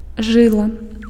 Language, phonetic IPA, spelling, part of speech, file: Belarusian, [ˈʐɨɫa], жыла, noun, Be-жыла.ogg
- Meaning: 1. sinew, tendon 2. vein